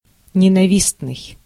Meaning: 1. hated, odious 2. hateful
- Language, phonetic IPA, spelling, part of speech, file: Russian, [nʲɪnɐˈvʲisnɨj], ненавистный, adjective, Ru-ненавистный.ogg